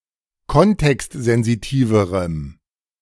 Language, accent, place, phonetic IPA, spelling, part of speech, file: German, Germany, Berlin, [ˈkɔntɛkstzɛnziˌtiːvəʁəm], kontextsensitiverem, adjective, De-kontextsensitiverem.ogg
- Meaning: strong dative masculine/neuter singular comparative degree of kontextsensitiv